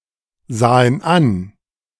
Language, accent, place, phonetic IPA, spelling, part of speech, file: German, Germany, Berlin, [ˌzaːən ˈan], sahen an, verb, De-sahen an.ogg
- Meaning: first/third-person plural preterite of ansehen